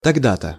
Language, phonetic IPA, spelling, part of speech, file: Russian, [tɐɡˈda‿tə], тогда-то, adverb, Ru-тогда-то.ogg
- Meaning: 1. just then 2. that was the time when; that was just when